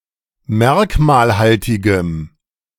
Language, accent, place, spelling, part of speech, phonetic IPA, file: German, Germany, Berlin, merkmalhaltigem, adjective, [ˈmɛʁkmaːlˌhaltɪɡəm], De-merkmalhaltigem.ogg
- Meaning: strong dative masculine/neuter singular of merkmalhaltig